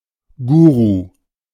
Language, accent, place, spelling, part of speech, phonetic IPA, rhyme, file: German, Germany, Berlin, Guru, noun, [ˈɡuːʁu], -uːʁu, De-Guru.ogg
- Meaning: guru, spiritual leader